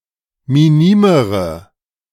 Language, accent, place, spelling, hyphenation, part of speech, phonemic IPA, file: German, Germany, Berlin, minimere, mi‧ni‧me‧re, adjective, /miˈniːməʁə/, De-minimere.ogg
- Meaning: inflection of minim: 1. strong/mixed nominative/accusative feminine singular comparative degree 2. strong nominative/accusative plural comparative degree